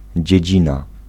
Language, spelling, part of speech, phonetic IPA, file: Polish, dziedzina, noun, [d͡ʑɛ̇ˈd͡ʑĩna], Pl-dziedzina.ogg